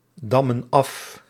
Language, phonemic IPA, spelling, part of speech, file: Dutch, /ˈdɑmə(n) ˈɑf/, dammen af, verb, Nl-dammen af.ogg
- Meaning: inflection of afdammen: 1. plural present indicative 2. plural present subjunctive